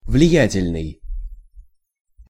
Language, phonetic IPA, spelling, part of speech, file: Russian, [vlʲɪˈjætʲɪlʲnɨj], влиятельный, adjective, Ru-влиятельный.ogg
- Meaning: influential